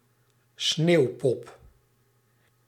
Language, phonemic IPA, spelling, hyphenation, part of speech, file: Dutch, /ˈsneːu̯.pɔp/, sneeuwpop, sneeuw‧pop, noun, Nl-sneeuwpop.ogg
- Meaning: snowman (figure made of snow)